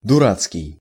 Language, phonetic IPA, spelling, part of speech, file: Russian, [dʊˈrat͡skʲɪj], дурацкий, adjective, Ru-дурацкий.ogg
- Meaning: stupid; blasted (used as an intensifier)